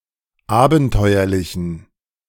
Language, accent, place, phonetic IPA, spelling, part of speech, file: German, Germany, Berlin, [ˈaːbn̩ˌtɔɪ̯ɐlɪçn̩], abenteuerlichen, adjective, De-abenteuerlichen.ogg
- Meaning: inflection of abenteuerlich: 1. strong genitive masculine/neuter singular 2. weak/mixed genitive/dative all-gender singular 3. strong/weak/mixed accusative masculine singular 4. strong dative plural